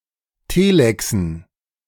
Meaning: dative plural of Telex
- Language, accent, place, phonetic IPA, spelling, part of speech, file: German, Germany, Berlin, [ˈteːlɛksn̩], Telexen, noun, De-Telexen.ogg